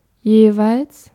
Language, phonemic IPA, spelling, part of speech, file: German, /ˈjeːvaɪ̯ls/, jeweils, adverb, De-jeweils.ogg
- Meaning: 1. in each case 2. each